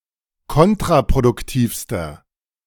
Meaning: inflection of kontraproduktiv: 1. strong/mixed nominative masculine singular superlative degree 2. strong genitive/dative feminine singular superlative degree
- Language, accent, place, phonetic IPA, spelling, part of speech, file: German, Germany, Berlin, [ˈkɔntʁapʁodʊkˌtiːfstɐ], kontraproduktivster, adjective, De-kontraproduktivster.ogg